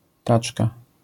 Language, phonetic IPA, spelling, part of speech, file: Polish, [ˈtat͡ʃka], taczka, noun, LL-Q809 (pol)-taczka.wav